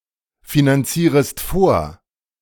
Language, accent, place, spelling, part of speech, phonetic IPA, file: German, Germany, Berlin, finanzierest vor, verb, [finanˌt͡siːʁəst ˈfoːɐ̯], De-finanzierest vor.ogg
- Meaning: second-person singular subjunctive I of vorfinanzieren